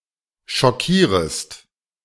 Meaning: second-person singular subjunctive I of schockieren
- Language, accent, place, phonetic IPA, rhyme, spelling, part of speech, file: German, Germany, Berlin, [ʃɔˈkiːʁəst], -iːʁəst, schockierest, verb, De-schockierest.ogg